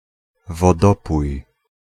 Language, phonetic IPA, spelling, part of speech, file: Polish, [vɔˈdɔpuj], wodopój, noun, Pl-wodopój.ogg